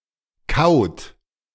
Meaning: inflection of kauen: 1. third-person singular present 2. second-person plural present 3. plural imperative
- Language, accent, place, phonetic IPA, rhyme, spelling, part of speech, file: German, Germany, Berlin, [kaʊ̯t], -aʊ̯t, kaut, verb, De-kaut.ogg